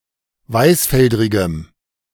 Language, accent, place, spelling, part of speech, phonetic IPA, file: German, Germany, Berlin, weißfeldrigem, adjective, [ˈvaɪ̯sˌfɛldʁɪɡəm], De-weißfeldrigem.ogg
- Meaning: strong dative masculine/neuter singular of weißfeldrig